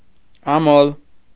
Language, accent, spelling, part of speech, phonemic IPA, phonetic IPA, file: Armenian, Eastern Armenian, ամոլ, noun, /ɑˈmol/, [ɑmól], Hy-ամոլ.ogg
- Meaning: 1. first yoke (the first pair of draft animals, such as oxen, joined by a yoke) 2. each animal in the yoke 3. couple, pair